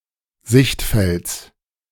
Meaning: genitive of Sichtfeld
- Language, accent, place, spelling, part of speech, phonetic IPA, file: German, Germany, Berlin, Sichtfelds, noun, [ˈzɪçtˌfɛlt͡s], De-Sichtfelds.ogg